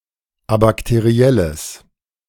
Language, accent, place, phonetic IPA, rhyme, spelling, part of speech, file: German, Germany, Berlin, [abaktəˈʁi̯ɛləs], -ɛləs, abakterielles, adjective, De-abakterielles.ogg
- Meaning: strong/mixed nominative/accusative neuter singular of abakteriell